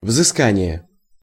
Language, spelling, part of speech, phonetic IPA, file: Russian, взыскание, noun, [vzɨˈskanʲɪje], Ru-взыскание.ogg
- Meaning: 1. penalty, punishment 2. recovery, exaction